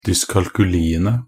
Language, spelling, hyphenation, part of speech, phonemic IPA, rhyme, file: Norwegian Bokmål, dyskalkuliene, dys‧kal‧ku‧li‧en‧e, noun, /dʏskalkʉliːənə/, -ənə, Nb-dyskalkuliene.ogg
- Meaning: definite plural of dyskalkuli